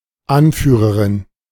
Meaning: female equivalent of Anführer (“leader, head, chief, commander”)
- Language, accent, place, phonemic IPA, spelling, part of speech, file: German, Germany, Berlin, /ˈanˌfyːrərɪn/, Anführerin, noun, De-Anführerin.ogg